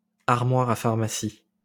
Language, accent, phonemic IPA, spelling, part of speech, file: French, France, /aʁ.mwa.ʁ‿a faʁ.ma.si/, armoire à pharmacie, noun, LL-Q150 (fra)-armoire à pharmacie.wav
- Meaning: medicine cabinet, medicine chest, medicine cupboard